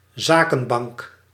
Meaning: commercial investment bank
- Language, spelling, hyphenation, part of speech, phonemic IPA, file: Dutch, zakenbank, za‧ken‧bank, noun, /ˈzaː.kə(n)ˌbɑŋk/, Nl-zakenbank.ogg